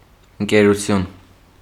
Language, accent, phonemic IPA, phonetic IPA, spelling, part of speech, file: Armenian, Eastern Armenian, /ənkeɾuˈtʰjun/, [əŋkeɾut͡sʰjún], ընկերություն, noun, Hy-ընկերություն.ogg
- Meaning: 1. friendship 2. company, corporation